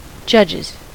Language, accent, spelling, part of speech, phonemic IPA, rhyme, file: English, US, judges, noun / verb, /ˈd͡ʒʌd͡ʒɪz/, -ʌdʒɪz, En-us-judges.ogg
- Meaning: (noun) plural of judge; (verb) third-person singular simple present indicative of judge